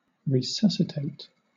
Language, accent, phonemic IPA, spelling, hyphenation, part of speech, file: English, Southern England, /ɹɪˈsʌsɪˌteɪt/, resuscitate, re‧sus‧ci‧tate, verb / adjective, LL-Q1860 (eng)-resuscitate.wav
- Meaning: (verb) 1. To restore consciousness, vigor, or life to 2. To regain consciousness; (adjective) Restored to life